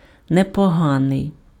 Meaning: not bad, not half bad, quite good
- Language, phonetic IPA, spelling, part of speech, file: Ukrainian, [nepɔˈɦanei̯], непоганий, adjective, Uk-непоганий.ogg